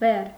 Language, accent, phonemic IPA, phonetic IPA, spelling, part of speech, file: Armenian, Eastern Armenian, /ber/, [ber], բեռ, noun, Hy-բեռ.ogg
- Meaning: 1. burden; load; freight; cargo, lading 2. burden